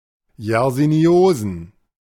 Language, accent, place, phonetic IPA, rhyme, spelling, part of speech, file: German, Germany, Berlin, [jɛʁziˈni̯oːzn̩], -oːzn̩, Yersiniosen, noun, De-Yersiniosen.ogg
- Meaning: plural of Yersiniose